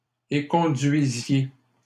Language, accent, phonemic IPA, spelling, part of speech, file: French, Canada, /e.kɔ̃.dɥi.zje/, éconduisiez, verb, LL-Q150 (fra)-éconduisiez.wav
- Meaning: inflection of éconduire: 1. second-person plural imperfect indicative 2. second-person plural present subjunctive